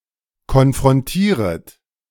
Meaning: second-person plural subjunctive I of konfrontieren
- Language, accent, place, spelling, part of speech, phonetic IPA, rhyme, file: German, Germany, Berlin, konfrontieret, verb, [kɔnfʁɔnˈtiːʁət], -iːʁət, De-konfrontieret.ogg